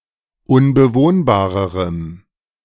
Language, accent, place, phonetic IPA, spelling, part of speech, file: German, Germany, Berlin, [ʊnbəˈvoːnbaːʁəʁəm], unbewohnbarerem, adjective, De-unbewohnbarerem.ogg
- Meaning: strong dative masculine/neuter singular comparative degree of unbewohnbar